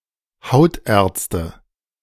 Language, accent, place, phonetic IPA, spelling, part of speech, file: German, Germany, Berlin, [ˈhaʊ̯tʔɛːɐ̯t͡stə], Hautärzte, noun, De-Hautärzte.ogg
- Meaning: nominative/accusative/genitive plural of Hautarzt